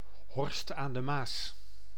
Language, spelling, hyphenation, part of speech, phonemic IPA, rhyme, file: Dutch, Horst aan de Maas, Horst aan de Maas, proper noun, /ˈɦɔrst aːn də ˈmaːs/, -aːs, Nl-Horst aan de Maas.ogg
- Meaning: a municipality of Limburg, Netherlands